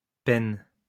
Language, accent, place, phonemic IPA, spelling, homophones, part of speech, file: French, France, Lyon, /pɛn/, penne, peine / peinent / pêne / pennes, noun, LL-Q150 (fra)-penne.wav
- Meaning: 1. large feather 2. quill (for writing) 3. penne (pasta)